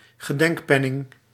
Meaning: a commemoration coin
- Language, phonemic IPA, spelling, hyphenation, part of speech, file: Dutch, /ɣəˈdɛŋkˌpɛ.nɪŋ/, gedenkpenning, ge‧denk‧pen‧ning, noun, Nl-gedenkpenning.ogg